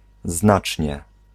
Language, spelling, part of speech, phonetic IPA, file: Polish, znacznie, adverb, [ˈznat͡ʃʲɲɛ], Pl-znacznie.ogg